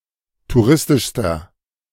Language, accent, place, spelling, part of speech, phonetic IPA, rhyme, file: German, Germany, Berlin, touristischster, adjective, [tuˈʁɪstɪʃstɐ], -ɪstɪʃstɐ, De-touristischster.ogg
- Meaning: inflection of touristisch: 1. strong/mixed nominative masculine singular superlative degree 2. strong genitive/dative feminine singular superlative degree 3. strong genitive plural superlative degree